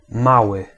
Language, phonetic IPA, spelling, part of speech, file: Polish, [ˈmawɨ], mały, adjective / noun, Pl-mały.ogg